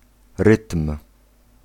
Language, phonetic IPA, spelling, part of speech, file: Polish, [rɨtm̥], rytm, noun, Pl-rytm.ogg